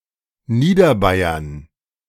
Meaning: Lower Bavaria (an administrative region of Bavaria; seat: Landshut)
- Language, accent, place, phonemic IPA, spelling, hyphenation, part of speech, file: German, Germany, Berlin, /ˈniːdɐˌbaɪ̯ɐn/, Niederbayern, Nie‧der‧bay‧ern, proper noun, De-Niederbayern.ogg